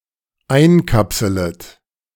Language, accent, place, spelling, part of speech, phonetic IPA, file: German, Germany, Berlin, einkapselet, verb, [ˈaɪ̯nˌkapsələt], De-einkapselet.ogg
- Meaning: second-person plural dependent subjunctive I of einkapseln